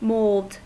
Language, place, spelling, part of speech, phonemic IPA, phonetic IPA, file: English, California, mould, noun / verb, /moʊld/, [moːɫd], En-us-mould.ogg
- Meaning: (noun) 1. Commonwealth standard spelling of mold 2. Commonwealth spelling of mold (“growth of tiny fungi”); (verb) Commonwealth spelling of mold (“to cause to become mouldy”)